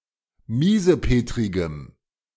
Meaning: strong dative masculine/neuter singular of miesepetrig
- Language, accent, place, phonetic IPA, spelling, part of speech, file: German, Germany, Berlin, [ˈmiːzəˌpeːtʁɪɡəm], miesepetrigem, adjective, De-miesepetrigem.ogg